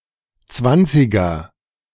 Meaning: Anything defined by the number twenty, especially: 1. twenty (bill/note) 2. A bus, train, etc. with that number 3. A player, candidate, etc. with that number 4. The twenties of a given century
- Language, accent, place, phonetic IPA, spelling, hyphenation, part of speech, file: German, Germany, Berlin, [ˈt͡svant͡sɪɡɐ], Zwanziger, Zwan‧zi‧ger, noun, De-Zwanziger.ogg